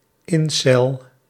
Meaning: incel
- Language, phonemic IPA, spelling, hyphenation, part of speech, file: Dutch, /ˈɪn.sɛl/, incel, in‧cel, noun, Nl-incel.ogg